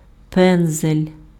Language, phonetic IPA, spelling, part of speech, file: Ukrainian, [ˈpɛnzelʲ], пензель, noun, Uk-пензель.ogg
- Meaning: paintbrush, brush